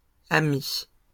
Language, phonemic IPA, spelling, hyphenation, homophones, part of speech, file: French, /a.mi/, amies, a‧mies, ami / amict / amicts / amie / amis, noun, LL-Q150 (fra)-amies.wav
- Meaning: plural of amie